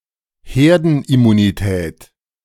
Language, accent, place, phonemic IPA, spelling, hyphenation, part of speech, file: German, Germany, Berlin, /ˈheːɐ̯dn̩ʔɪmuniˌtɛːt/, Herdenimmunität, Her‧den‧im‧mu‧ni‧tät, noun, De-Herdenimmunität.ogg
- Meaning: herd immunity